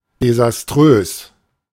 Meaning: disastrous
- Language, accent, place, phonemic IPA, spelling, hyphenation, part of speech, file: German, Germany, Berlin, /dezasˈtrøːs/, desaströs, de‧sas‧trös, adjective, De-desaströs.ogg